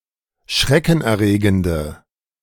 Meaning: inflection of schreckenerregend: 1. strong/mixed nominative/accusative feminine singular 2. strong nominative/accusative plural 3. weak nominative all-gender singular
- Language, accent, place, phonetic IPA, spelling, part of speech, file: German, Germany, Berlin, [ˈʃʁɛkn̩ʔɛɐ̯ˌʁeːɡəndə], schreckenerregende, adjective, De-schreckenerregende.ogg